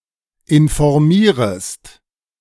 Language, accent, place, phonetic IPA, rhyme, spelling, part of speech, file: German, Germany, Berlin, [ɪnfɔʁˈmiːʁəst], -iːʁəst, informierest, verb, De-informierest.ogg
- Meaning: second-person singular subjunctive I of informieren